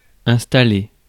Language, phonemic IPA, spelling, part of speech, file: French, /ɛ̃s.ta.le/, installer, verb, Fr-installer.ogg
- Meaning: 1. to install 2. to place 3. to settle